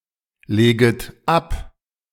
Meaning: second-person plural subjunctive I of ablegen
- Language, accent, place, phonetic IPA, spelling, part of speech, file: German, Germany, Berlin, [ˌleːɡət ˈap], leget ab, verb, De-leget ab.ogg